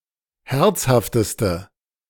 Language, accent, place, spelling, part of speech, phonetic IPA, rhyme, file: German, Germany, Berlin, herzhafteste, adjective, [ˈhɛʁt͡shaftəstə], -ɛʁt͡shaftəstə, De-herzhafteste.ogg
- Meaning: inflection of herzhaft: 1. strong/mixed nominative/accusative feminine singular superlative degree 2. strong nominative/accusative plural superlative degree